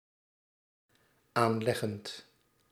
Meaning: present participle of aanleggen
- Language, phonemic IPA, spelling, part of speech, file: Dutch, /ˈanlɛɣənt/, aanleggend, verb, Nl-aanleggend.ogg